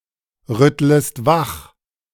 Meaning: second-person singular subjunctive I of wachrütteln
- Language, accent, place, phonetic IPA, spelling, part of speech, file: German, Germany, Berlin, [ˌʁʏtləst ˈvax], rüttlest wach, verb, De-rüttlest wach.ogg